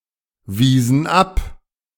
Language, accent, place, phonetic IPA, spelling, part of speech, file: German, Germany, Berlin, [ˌviːzn̩ ˈap], wiesen ab, verb, De-wiesen ab.ogg
- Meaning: inflection of abweisen: 1. first/third-person plural preterite 2. first/third-person plural subjunctive II